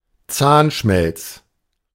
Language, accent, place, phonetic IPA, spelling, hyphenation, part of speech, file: German, Germany, Berlin, [ˈtsaːnʃmɛlts], Zahnschmelz, Zahn‧schmelz, noun, De-Zahnschmelz.ogg
- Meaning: tooth enamel, dental enamel